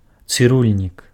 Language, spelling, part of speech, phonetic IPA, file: Belarusian, цырульнік, noun, [t͡sɨˈrulʲnʲik], Be-цырульнік.ogg
- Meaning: barber